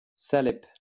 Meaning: salep
- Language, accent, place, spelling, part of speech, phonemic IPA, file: French, France, Lyon, salep, noun, /sa.lɛp/, LL-Q150 (fra)-salep.wav